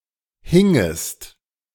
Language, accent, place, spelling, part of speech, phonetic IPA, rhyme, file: German, Germany, Berlin, hingest, verb, [ˈhɪŋəst], -ɪŋəst, De-hingest.ogg
- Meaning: second-person singular subjunctive II of hängen